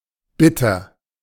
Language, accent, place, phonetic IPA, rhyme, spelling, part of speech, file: German, Germany, Berlin, [ˈbɪtɐ], -ɪtɐ, Bitter, noun / proper noun, De-Bitter.ogg
- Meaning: 1. one who asks or pleads; requester 2. beggar, supplicant 3. recruiter 4. a suitor 5. bitters